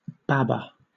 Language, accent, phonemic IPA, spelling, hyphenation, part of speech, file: English, Southern England, /ˈbæbə/, babber, bab‧ber, noun, LL-Q1860 (eng)-babber.wav
- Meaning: 1. A baby 2. A friend 3. A fisherman using babs (“baits consisting of bundles of live worms”) to catch eels